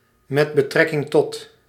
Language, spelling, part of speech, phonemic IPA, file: Dutch, m.b.t., preposition, /ˌmɛtbəˈtrɛkɪŋˌtɔt/, Nl-m.b.t..ogg
- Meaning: abbreviation of met betrekking tot